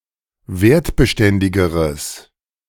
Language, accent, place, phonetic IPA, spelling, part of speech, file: German, Germany, Berlin, [ˈveːɐ̯tbəˌʃtɛndɪɡəʁəs], wertbeständigeres, adjective, De-wertbeständigeres.ogg
- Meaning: strong/mixed nominative/accusative neuter singular comparative degree of wertbeständig